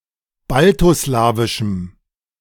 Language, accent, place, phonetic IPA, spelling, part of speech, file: German, Germany, Berlin, [ˈbaltoˌslaːvɪʃm̩], baltoslawischem, adjective, De-baltoslawischem.ogg
- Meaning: strong dative masculine/neuter singular of baltoslawisch